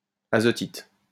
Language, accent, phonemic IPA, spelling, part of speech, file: French, France, /a.zɔ.tit/, azotite, noun, LL-Q150 (fra)-azotite.wav
- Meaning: nitrite